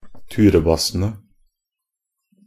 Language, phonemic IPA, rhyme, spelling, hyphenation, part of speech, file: Norwegian Bokmål, /ˈtʉːrəbasːənə/, -ənə, turebassene, tu‧re‧bas‧se‧ne, noun, Nb-turebassene.ogg
- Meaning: definite plural of turebasse